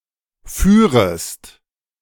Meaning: 1. second-person singular subjunctive II of fahren 2. second-person singular subjunctive I of führen
- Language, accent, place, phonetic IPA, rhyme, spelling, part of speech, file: German, Germany, Berlin, [ˈfyːʁəst], -yːʁəst, führest, verb, De-führest.ogg